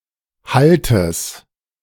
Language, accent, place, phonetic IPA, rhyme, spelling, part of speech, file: German, Germany, Berlin, [ˈhaltəs], -altəs, Haltes, noun, De-Haltes.ogg
- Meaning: genitive singular of Halt